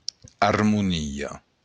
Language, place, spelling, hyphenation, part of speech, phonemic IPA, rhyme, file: Occitan, Béarn, armonia, ar‧mo‧ni‧a, noun, /aɾ.muˈni.ɔ/, -iɔ, LL-Q14185 (oci)-armonia.wav
- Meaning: harmony